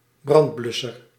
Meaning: fire extinguisher
- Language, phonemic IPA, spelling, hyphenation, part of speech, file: Dutch, /ˈbrɑntˌblʏ.sər/, brandblusser, brand‧blus‧ser, noun, Nl-brandblusser.ogg